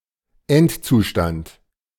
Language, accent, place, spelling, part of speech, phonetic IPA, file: German, Germany, Berlin, Endzustand, noun, [ˈɛntt͡suˌʃtant], De-Endzustand.ogg
- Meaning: final state or condition